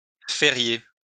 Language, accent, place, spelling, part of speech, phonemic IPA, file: French, France, Lyon, férier, verb, /fe.ʁje/, LL-Q150 (fra)-férier.wav
- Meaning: to celebrate